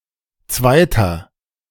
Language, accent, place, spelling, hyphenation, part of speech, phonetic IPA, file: German, Germany, Berlin, zweiter, zwei‧ter, numeral, [ˈtsvaɪ̯tɐ], De-zweiter.ogg
- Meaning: inflection of zweite: 1. strong/mixed nominative masculine singular 2. strong genitive/dative feminine singular 3. strong genitive plural